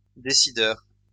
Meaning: policymaker
- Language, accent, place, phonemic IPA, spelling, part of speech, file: French, France, Lyon, /de.si.dœʁ/, décideur, noun, LL-Q150 (fra)-décideur.wav